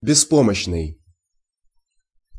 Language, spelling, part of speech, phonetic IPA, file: Russian, беспомощный, adjective, [bʲɪˈspoməɕːnɨj], Ru-беспомощный.ogg
- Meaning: helpless (unable to defend oneself or to act without help)